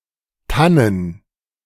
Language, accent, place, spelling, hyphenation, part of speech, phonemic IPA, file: German, Germany, Berlin, tannen, tan‧nen, adjective, /ˈtanən/, De-tannen.ogg
- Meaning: fir